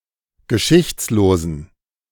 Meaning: inflection of geschichtslos: 1. strong genitive masculine/neuter singular 2. weak/mixed genitive/dative all-gender singular 3. strong/weak/mixed accusative masculine singular 4. strong dative plural
- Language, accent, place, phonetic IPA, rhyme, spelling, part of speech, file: German, Germany, Berlin, [ɡəˈʃɪçt͡sloːzn̩], -ɪçt͡sloːzn̩, geschichtslosen, adjective, De-geschichtslosen.ogg